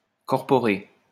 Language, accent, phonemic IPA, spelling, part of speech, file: French, France, /kɔʁ.pɔ.ʁe/, corporé, adjective, LL-Q150 (fra)-corporé.wav
- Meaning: corporate